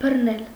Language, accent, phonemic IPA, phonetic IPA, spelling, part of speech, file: Armenian, Eastern Armenian, /bərˈnel/, [bərnél], բռնել, verb, Hy-բռնել.ogg
- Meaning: 1. to hold 2. to catch 3. to arrest 4. to occupy 5. to cover, to embrace